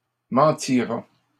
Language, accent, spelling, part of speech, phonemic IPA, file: French, Canada, mentira, verb, /mɑ̃.ti.ʁa/, LL-Q150 (fra)-mentira.wav
- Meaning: third-person singular simple future of mentir